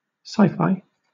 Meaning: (noun) 1. A genre of movies featuring mostly fictional scientific scenes 2. Syllabic abbreviation of science fiction; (adjective) Of or pertaining to such a genre
- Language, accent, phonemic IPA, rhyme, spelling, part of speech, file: English, Southern England, /saɪ.faɪ/, -aɪfaɪ, sci-fi, noun / adjective, LL-Q1860 (eng)-sci-fi.wav